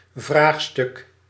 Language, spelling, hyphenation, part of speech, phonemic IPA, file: Dutch, vraagstuk, vraag‧stuk, noun, /ˈvraːx.stʏk/, Nl-vraagstuk.ogg
- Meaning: question, issue, problem